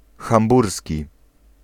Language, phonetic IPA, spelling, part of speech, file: Polish, [xãmˈbursʲci], hamburski, adjective, Pl-hamburski.ogg